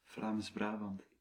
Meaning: Flemish Brabant (a province of Belgium)
- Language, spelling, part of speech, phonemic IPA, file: Dutch, Vlaams-Brabant, proper noun, /vlaːmz.ˈbraː.bɑnt/, Nl-Vlaams-Brabant.ogg